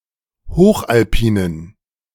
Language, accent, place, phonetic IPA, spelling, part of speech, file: German, Germany, Berlin, [ˈhoːxʔalˌpiːnən], hochalpinen, adjective, De-hochalpinen.ogg
- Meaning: inflection of hochalpin: 1. strong genitive masculine/neuter singular 2. weak/mixed genitive/dative all-gender singular 3. strong/weak/mixed accusative masculine singular 4. strong dative plural